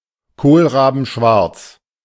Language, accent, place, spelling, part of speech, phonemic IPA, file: German, Germany, Berlin, kohlrabenschwarz, adjective, /ˈkoːlˈʁaːbn̩ˈʃvaʁt͡s/, De-kohlrabenschwarz.ogg
- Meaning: pitch black